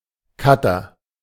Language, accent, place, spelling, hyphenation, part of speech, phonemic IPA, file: German, Germany, Berlin, Cutter, Cut‧ter, noun, /ˈkatɐ/, De-Cutter.ogg
- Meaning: 1. film editor 2. utility knife, box cutter, Stanley knife (tool used to cut)